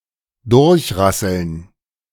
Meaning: to flunk (an exam)
- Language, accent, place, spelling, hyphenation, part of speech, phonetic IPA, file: German, Germany, Berlin, durchrasseln, durch‧ras‧seln, verb, [ˈdʊʁçˌʁasl̩n], De-durchrasseln.ogg